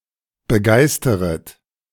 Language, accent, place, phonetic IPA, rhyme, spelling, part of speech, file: German, Germany, Berlin, [bəˈɡaɪ̯stəʁət], -aɪ̯stəʁət, begeisteret, verb, De-begeisteret.ogg
- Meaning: second-person plural subjunctive I of begeistern